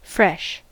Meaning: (adjective) 1. Newly produced or obtained; recent 2. Not dried, frozen, or spoiled 3. (of plant material) Still green and not dried 4. Invigoratingly cool and refreshing 5. Without salt; not saline
- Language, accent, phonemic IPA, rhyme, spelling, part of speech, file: English, US, /fɹɛʃ/, -ɛʃ, fresh, adjective / adverb / noun / verb, En-us-fresh.ogg